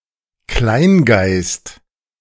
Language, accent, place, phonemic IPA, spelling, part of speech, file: German, Germany, Berlin, /ˈklaɪ̯nɡaɪ̯st/, Kleingeist, noun, De-Kleingeist.ogg
- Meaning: narrow-minded, dumb person; bigot